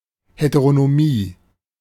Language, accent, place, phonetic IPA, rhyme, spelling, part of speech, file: German, Germany, Berlin, [ˌheteʁonoˈmiː], -iː, Heteronomie, noun, De-Heteronomie.ogg
- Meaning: heteronomy